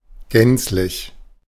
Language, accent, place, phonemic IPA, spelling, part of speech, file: German, Germany, Berlin, /ˈɡɛntslɪç/, gänzlich, adverb / adjective, De-gänzlich.ogg
- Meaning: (adverb) 1. completely, totally, altogether 2. fully; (adjective) sheer, stark, outright